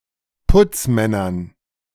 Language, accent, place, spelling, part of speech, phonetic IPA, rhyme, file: German, Germany, Berlin, Putzmännern, noun, [ˈpʊt͡sˌmɛnɐn], -ʊt͡smɛnɐn, De-Putzmännern.ogg
- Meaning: dative plural of Putzmann